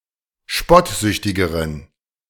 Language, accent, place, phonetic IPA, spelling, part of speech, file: German, Germany, Berlin, [ˈʃpɔtˌzʏçtɪɡəʁən], spottsüchtigeren, adjective, De-spottsüchtigeren.ogg
- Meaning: inflection of spottsüchtig: 1. strong genitive masculine/neuter singular comparative degree 2. weak/mixed genitive/dative all-gender singular comparative degree